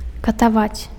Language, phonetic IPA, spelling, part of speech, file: Belarusian, [kataˈvat͡sʲ], катаваць, verb, Be-катаваць.ogg
- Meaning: to torture; to torment